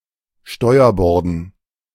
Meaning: dative plural of Steuerbord
- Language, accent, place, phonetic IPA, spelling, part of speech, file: German, Germany, Berlin, [ˈʃtɔɪ̯ɐˌbɔʁdn̩], Steuerborden, noun, De-Steuerborden.ogg